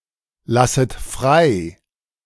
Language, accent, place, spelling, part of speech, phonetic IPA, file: German, Germany, Berlin, lasset frei, verb, [ˌlasət ˈfʁaɪ̯], De-lasset frei.ogg
- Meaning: second-person plural subjunctive I of freilassen